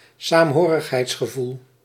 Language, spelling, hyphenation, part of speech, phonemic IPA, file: Dutch, saamhorigheidsgevoel, saam‧ho‧rig‧heids‧ge‧voel, noun, /saːmˈɦoː.rəx.ɦɛi̯ts.xəˌvul/, Nl-saamhorigheidsgevoel.ogg
- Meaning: feeling of togetherness (in a community)